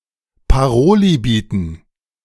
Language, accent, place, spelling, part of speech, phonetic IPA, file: German, Germany, Berlin, Paroli bieten, verb, [paˈʁoːli ˈbiːtn̩], De-Paroli bieten.ogg
- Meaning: to stand up to